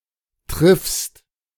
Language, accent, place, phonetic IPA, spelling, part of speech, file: German, Germany, Berlin, [tʁɪfst], triffst, verb, De-triffst.ogg
- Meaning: second-person singular present of treffen